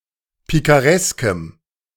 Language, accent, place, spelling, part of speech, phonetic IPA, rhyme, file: German, Germany, Berlin, pikareskem, adjective, [ˌpikaˈʁɛskəm], -ɛskəm, De-pikareskem.ogg
- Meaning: strong dative masculine/neuter singular of pikaresk